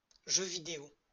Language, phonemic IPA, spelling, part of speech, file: French, /ʒø vi.de.o/, jeu vidéo, noun, LL-Q150 (fra)-jeu vidéo.wav
- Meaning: 1. video game 2. video game industry